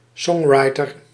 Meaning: songwriter
- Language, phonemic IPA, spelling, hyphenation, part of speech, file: Dutch, /ˈsɔŋrɑjtər/, songwriter, song‧wri‧ter, noun, Nl-songwriter.ogg